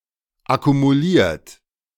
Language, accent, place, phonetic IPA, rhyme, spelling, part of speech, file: German, Germany, Berlin, [akumuˈliːɐ̯t], -iːɐ̯t, akkumuliert, verb, De-akkumuliert.ogg
- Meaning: past participle of akkumulieren - accumulated